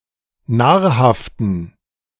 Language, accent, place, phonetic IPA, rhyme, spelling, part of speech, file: German, Germany, Berlin, [ˈnaːɐ̯haftn̩], -aːɐ̯haftn̩, nahrhaften, adjective, De-nahrhaften.ogg
- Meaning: inflection of nahrhaft: 1. strong genitive masculine/neuter singular 2. weak/mixed genitive/dative all-gender singular 3. strong/weak/mixed accusative masculine singular 4. strong dative plural